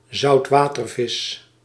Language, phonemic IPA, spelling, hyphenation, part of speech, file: Dutch, /zɑu̯tˈʋaː.tərˌvɪs/, zoutwatervis, zout‧wa‧ter‧vis, noun, Nl-zoutwatervis.ogg
- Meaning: a fish species with a saline (usually maritime) biotope